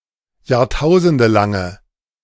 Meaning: inflection of jahrtausendelang: 1. strong/mixed nominative/accusative feminine singular 2. strong nominative/accusative plural 3. weak nominative all-gender singular
- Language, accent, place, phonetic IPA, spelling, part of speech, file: German, Germany, Berlin, [jaːʁˈtaʊ̯zəndəlaŋə], jahrtausendelange, adjective, De-jahrtausendelange.ogg